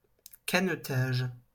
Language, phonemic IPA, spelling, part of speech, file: French, /ka.nɔ.taʒ/, canotage, noun, LL-Q150 (fra)-canotage.wav
- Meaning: rowing